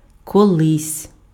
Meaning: 1. at one time, formerly, once 2. sometime, someday, one day
- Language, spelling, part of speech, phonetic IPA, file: Ukrainian, колись, adverb, [kɔˈɫɪsʲ], Uk-колись.ogg